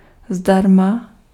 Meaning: free of charge, for free
- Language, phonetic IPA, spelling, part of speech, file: Czech, [ˈzdarma], zdarma, adjective, Cs-zdarma.ogg